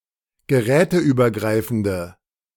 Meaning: inflection of geräteübergreifend: 1. strong/mixed nominative/accusative feminine singular 2. strong nominative/accusative plural 3. weak nominative all-gender singular
- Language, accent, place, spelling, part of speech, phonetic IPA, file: German, Germany, Berlin, geräteübergreifende, adjective, [ɡəˈʁɛːtəʔyːbɐˌɡʁaɪ̯fn̩də], De-geräteübergreifende.ogg